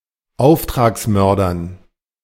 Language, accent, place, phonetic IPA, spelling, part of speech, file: German, Germany, Berlin, [ˈaʊ̯ftʁaːksˌmœʁdɐn], Auftragsmördern, noun, De-Auftragsmördern.ogg
- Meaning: dative plural of Auftragsmörder